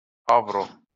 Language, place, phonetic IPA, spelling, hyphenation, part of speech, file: Azerbaijani, Baku, [ˈɑvɾo], avro, av‧ro, noun, LL-Q9292 (aze)-avro.wav
- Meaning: euro (currency of the European Union)